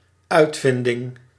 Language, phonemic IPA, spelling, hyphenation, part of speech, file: Dutch, /ˈœy̯tvɪndɪŋ/, uitvinding, uit‧vin‧ding, noun, Nl-uitvinding.ogg
- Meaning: invention